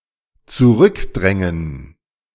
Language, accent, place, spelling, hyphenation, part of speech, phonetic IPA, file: German, Germany, Berlin, zurückdrängen, zu‧rück‧drän‧gen, verb, [t͡suˈʁʏkˌdʁɛŋən], De-zurückdrängen.ogg
- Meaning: to push back, to repel